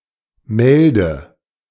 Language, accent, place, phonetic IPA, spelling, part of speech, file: German, Germany, Berlin, [ˈmɛldə], Melde, noun, De-Melde.ogg
- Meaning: 1. message 2. a plant of the genus Atriplex, orache, saltbush